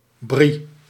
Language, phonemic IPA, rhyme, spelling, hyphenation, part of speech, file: Dutch, /bri/, -i, brie, brie, noun, Nl-brie.ogg
- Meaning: brie (variety of French cheese)